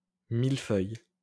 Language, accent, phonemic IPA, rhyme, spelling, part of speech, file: French, France, /mil.fœj/, -œj, mille-feuille, noun, LL-Q150 (fra)-mille-feuille.wav
- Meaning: 1. mille-feuille, vanilla slice 2. something layered, entangled and complex 3. common yarrow, yarrow, milfoil (Achillea millefolium)